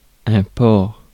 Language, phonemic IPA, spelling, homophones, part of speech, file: French, /pɔʁ/, port, ports / porc / porcs / pore / pores, noun, Fr-port.ogg
- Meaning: 1. port, harbour 2. port, harbour city 3. refuge 4. transport 5. postage 6. poise, bearing, way of carrying oneself 7. wearing (act of wearing something) 8. carrying (of an object)